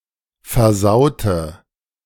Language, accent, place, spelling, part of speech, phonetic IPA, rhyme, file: German, Germany, Berlin, versaute, adjective / verb, [fɛɐ̯ˈzaʊ̯tə], -aʊ̯tə, De-versaute.ogg
- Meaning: inflection of versauen: 1. first/third-person singular preterite 2. first/third-person singular subjunctive II